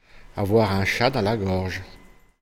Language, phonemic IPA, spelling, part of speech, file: French, /a.vwa.ʁ‿œ̃ ʃa dɑ̃ la ɡɔʁʒ/, avoir un chat dans la gorge, verb, Fr-avoir un chat dans la gorge.ogg
- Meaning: to have a frog in one's throat (be unable to speak freely)